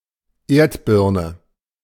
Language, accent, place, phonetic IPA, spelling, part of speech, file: German, Germany, Berlin, [ˈeːɐ̯tˌbɪʁnə], Erdbirne, noun, De-Erdbirne.ogg
- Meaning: a potato